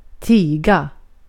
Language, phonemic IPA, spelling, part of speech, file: Swedish, /²tiːɡa/, tiga, verb, Sv-tiga.ogg
- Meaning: to refrain from saying anything, to keep silent, to stay silent